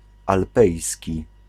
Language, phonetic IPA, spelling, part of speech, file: Polish, [alˈpɛjsʲci], alpejski, adjective, Pl-alpejski.ogg